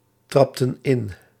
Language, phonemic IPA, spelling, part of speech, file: Dutch, /ˈtrɑptə(n) ˈɪn/, trapten in, verb, Nl-trapten in.ogg
- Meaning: inflection of intrappen: 1. plural past indicative 2. plural past subjunctive